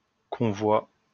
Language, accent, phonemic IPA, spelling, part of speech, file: French, France, /kɔ̃.vwa/, convoi, noun, LL-Q150 (fra)-convoi.wav
- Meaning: 1. convoy 2. load (used in the phrase convoi exceptionnel)